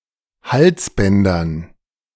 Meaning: dative plural of Halsband
- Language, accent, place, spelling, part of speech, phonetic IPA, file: German, Germany, Berlin, Halsbändern, noun, [ˈhalsˌbɛndɐn], De-Halsbändern.ogg